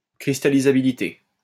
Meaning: crystallizability
- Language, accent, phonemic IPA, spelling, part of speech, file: French, France, /kʁis.ta.li.za.bi.li.te/, cristallisabilité, noun, LL-Q150 (fra)-cristallisabilité.wav